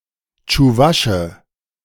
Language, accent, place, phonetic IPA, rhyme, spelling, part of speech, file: German, Germany, Berlin, [t͡ʃuˈvaʃə], -aʃə, Tschuwasche, noun, De-Tschuwasche.ogg
- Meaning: Chuvash (a man from Chuvashia)